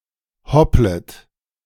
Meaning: second-person plural subjunctive I of hoppeln
- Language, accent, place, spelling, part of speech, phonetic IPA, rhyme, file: German, Germany, Berlin, hopplet, verb, [ˈhɔplət], -ɔplət, De-hopplet.ogg